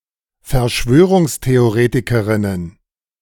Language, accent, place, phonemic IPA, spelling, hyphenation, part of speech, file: German, Germany, Berlin, /fɛɐ̯ˈʃvøː.ʁʊŋs.te.oˌʁeː.ti.kə.ʁɪn.ən/, Verschwörungstheoretikerinnen, Ver‧schwö‧rungs‧the‧o‧re‧ti‧ke‧rin‧nen, noun, De-Verschwörungstheoretikerinnen.ogg
- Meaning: plural of Verschwörungstheoretikerin